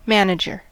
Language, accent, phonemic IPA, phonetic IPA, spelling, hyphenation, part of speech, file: English, US, /ˈmæn.ə.dʒəɹ/, [ˈmeə̯n.ə.d͡ʒɚ], manager, man‧a‧ger, noun, En-us-manager.ogg
- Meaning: 1. A person whose job is to manage something, such as a business, a restaurant, or a sports team 2. The head coach 3. An administrator, for a singer or group